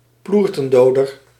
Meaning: a cosh, blackjack or similar flexible blunt weapon containing heavy material, often but not necessarily covered with rubber or leather
- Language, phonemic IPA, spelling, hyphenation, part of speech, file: Dutch, /ˈplur.tə(n)ˌdoː.dər/, ploertendoder, ploer‧ten‧do‧der, noun, Nl-ploertendoder.ogg